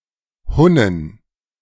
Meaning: plural of Hunne
- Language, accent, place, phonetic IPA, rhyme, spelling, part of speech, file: German, Germany, Berlin, [ˈhʊnən], -ʊnən, Hunnen, noun, De-Hunnen.ogg